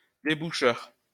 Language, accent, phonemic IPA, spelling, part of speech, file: French, France, /de.bu.ʃœʁ/, déboucheur, noun, LL-Q150 (fra)-déboucheur.wav
- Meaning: drain cleaner